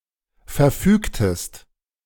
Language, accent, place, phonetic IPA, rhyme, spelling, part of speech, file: German, Germany, Berlin, [fɛɐ̯ˈfyːktəst], -yːktəst, verfügtest, verb, De-verfügtest.ogg
- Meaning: inflection of verfügen: 1. second-person singular preterite 2. second-person singular subjunctive II